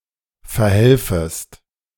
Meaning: second-person singular subjunctive I of verhelfen
- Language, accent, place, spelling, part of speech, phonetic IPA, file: German, Germany, Berlin, verhelfest, verb, [fɛɐ̯ˈhɛlfəst], De-verhelfest.ogg